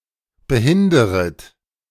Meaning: second-person plural subjunctive I of behindern
- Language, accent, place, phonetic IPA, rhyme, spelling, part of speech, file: German, Germany, Berlin, [bəˈhɪndəʁət], -ɪndəʁət, behinderet, verb, De-behinderet.ogg